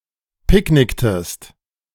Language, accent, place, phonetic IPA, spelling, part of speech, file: German, Germany, Berlin, [ˈpɪkˌnɪktəst], picknicktest, verb, De-picknicktest.ogg
- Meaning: inflection of picknicken: 1. second-person singular preterite 2. second-person singular subjunctive II